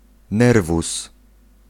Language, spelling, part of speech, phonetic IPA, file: Polish, nerwus, noun, [ˈnɛrvus], Pl-nerwus.ogg